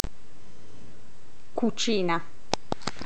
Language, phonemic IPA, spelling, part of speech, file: Italian, /kuˌt͡ʃiːna/, cucina, noun / verb, It-cucina.oga